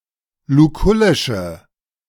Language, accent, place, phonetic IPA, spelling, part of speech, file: German, Germany, Berlin, [luˈkʊlɪʃə], lukullische, adjective, De-lukullische.ogg
- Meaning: inflection of lukullisch: 1. strong/mixed nominative/accusative feminine singular 2. strong nominative/accusative plural 3. weak nominative all-gender singular